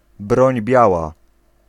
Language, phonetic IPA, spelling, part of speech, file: Polish, [ˈbrɔ̃ɲ ˈbʲjawa], broń biała, noun, Pl-broń biała.ogg